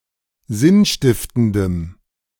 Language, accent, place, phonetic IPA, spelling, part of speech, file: German, Germany, Berlin, [ˈzɪnˌʃtɪftəndəm], sinnstiftendem, adjective, De-sinnstiftendem.ogg
- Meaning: strong dative masculine/neuter singular of sinnstiftend